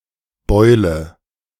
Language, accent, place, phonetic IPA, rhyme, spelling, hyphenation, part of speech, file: German, Germany, Berlin, [ˈbɔɪ̯lə], -ɔɪ̯lə, Beule, Beu‧le, noun, De-Beule.ogg
- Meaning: 1. any large, roundish swelling on the body, e.g. a bump on the forehead or a bubo 2. bump, dent (deformation on a surface, be it outward or inward)